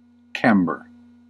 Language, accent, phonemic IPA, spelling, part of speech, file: English, US, /ˈkæm.bɚ/, camber, noun / verb, En-us-camber.ogg
- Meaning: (noun) A slight convexity, arching or curvature of a surface of a road, beam, roof, ship's deck etc., so that liquids will flow off the sides